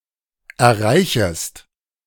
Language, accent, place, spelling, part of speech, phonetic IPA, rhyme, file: German, Germany, Berlin, erreichest, verb, [ɛɐ̯ˈʁaɪ̯çəst], -aɪ̯çəst, De-erreichest.ogg
- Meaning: second-person singular subjunctive I of erreichen